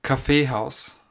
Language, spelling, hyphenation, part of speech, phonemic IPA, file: German, Kaffeehaus, Kaf‧fee‧haus, noun, /kaˈfeːˌhaʊ̯s/, De-at-Kaffeehaus.ogg
- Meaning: coffeehouse